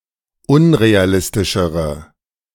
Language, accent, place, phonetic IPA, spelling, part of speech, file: German, Germany, Berlin, [ˈʊnʁeaˌlɪstɪʃəʁə], unrealistischere, adjective, De-unrealistischere.ogg
- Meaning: inflection of unrealistisch: 1. strong/mixed nominative/accusative feminine singular comparative degree 2. strong nominative/accusative plural comparative degree